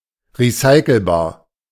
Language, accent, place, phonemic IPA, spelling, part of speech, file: German, Germany, Berlin, /ʁiˈsaɪ̯kl̩baːɐ̯/, recycelbar, adjective, De-recycelbar.ogg
- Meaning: recyclable